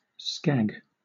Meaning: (noun) 1. Heroin 2. A woman of loose morals 3. A cigarette; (verb) To destroy the data on a disk, either by corrupting the file system or by causing media damage
- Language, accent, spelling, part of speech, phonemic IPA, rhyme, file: English, Southern England, scag, noun / verb, /skæɡ/, -æɡ, LL-Q1860 (eng)-scag.wav